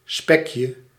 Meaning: diminutive of spek
- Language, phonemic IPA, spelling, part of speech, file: Dutch, /ˈspɛkjə/, spekje, noun, Nl-spekje.ogg